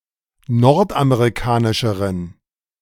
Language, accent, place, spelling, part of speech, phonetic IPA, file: German, Germany, Berlin, nordamerikanischeren, adjective, [ˈnɔʁtʔameʁiˌkaːnɪʃəʁən], De-nordamerikanischeren.ogg
- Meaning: inflection of nordamerikanisch: 1. strong genitive masculine/neuter singular comparative degree 2. weak/mixed genitive/dative all-gender singular comparative degree